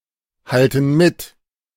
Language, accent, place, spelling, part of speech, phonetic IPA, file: German, Germany, Berlin, halten mit, verb, [ˌhaltn̩ ˈmɪt], De-halten mit.ogg
- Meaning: inflection of mithalten: 1. first/third-person plural present 2. first/third-person plural subjunctive I